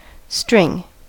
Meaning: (noun) 1. A long, thin and flexible structure made from threads twisted together 2. A long, thin and flexible structure made from threads twisted together.: Control; influence
- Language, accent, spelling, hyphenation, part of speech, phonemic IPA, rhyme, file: English, General American, string, string, noun / verb, /stɹɪŋ/, -ɪŋ, En-us-string.ogg